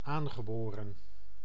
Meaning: 1. native, innate 2. congenital 3. acquired at birth
- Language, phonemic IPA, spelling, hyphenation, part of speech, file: Dutch, /ˈaːn.ɣəˌboː.rə(n)/, aangeboren, aan‧ge‧bo‧ren, adjective, Nl-aangeboren.ogg